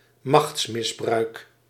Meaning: abuse of power
- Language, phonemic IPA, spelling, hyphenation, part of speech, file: Dutch, /ˈmɑxts.mɪsˌbrœy̯k/, machtsmisbruik, machts‧mis‧bruik, noun, Nl-machtsmisbruik.ogg